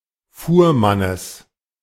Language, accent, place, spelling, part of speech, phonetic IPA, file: German, Germany, Berlin, Fuhrmannes, noun, [ˈfuːɐ̯ˌmanəs], De-Fuhrmannes.ogg
- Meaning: genitive singular of Fuhrmann